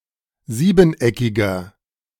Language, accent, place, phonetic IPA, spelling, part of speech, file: German, Germany, Berlin, [ˈziːbn̩ˌʔɛkɪɡɐ], siebeneckiger, adjective, De-siebeneckiger.ogg
- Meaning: inflection of siebeneckig: 1. strong/mixed nominative masculine singular 2. strong genitive/dative feminine singular 3. strong genitive plural